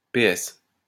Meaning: initialism of Parti Socialiste, a socialist political party active in France, Belgium and Switzerland
- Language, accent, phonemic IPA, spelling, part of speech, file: French, France, /pe.ɛs/, PS, proper noun, LL-Q150 (fra)-PS.wav